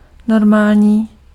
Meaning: normal, usual, ordinary, regular
- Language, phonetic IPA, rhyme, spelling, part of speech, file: Czech, [ˈnormaːlɲiː], -aːlɲiː, normální, adjective, Cs-normální.ogg